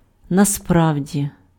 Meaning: in fact, in reality, really, actually, as a matter of fact
- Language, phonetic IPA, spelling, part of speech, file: Ukrainian, [nɐˈsprau̯dʲi], насправді, adverb, Uk-насправді.ogg